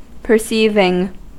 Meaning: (verb) present participle and gerund of perceive; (noun) The act by which something is perceived
- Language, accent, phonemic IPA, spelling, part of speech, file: English, US, /pɚˈsivɪŋ/, perceiving, verb / noun, En-us-perceiving.ogg